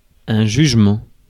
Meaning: judgment
- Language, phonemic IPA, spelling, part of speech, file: French, /ʒyʒ.mɑ̃/, jugement, noun, Fr-jugement.ogg